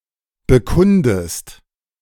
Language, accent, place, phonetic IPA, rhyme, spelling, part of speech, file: German, Germany, Berlin, [bəˈkʊndəst], -ʊndəst, bekundest, verb, De-bekundest.ogg
- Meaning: inflection of bekunden: 1. second-person singular present 2. second-person singular subjunctive I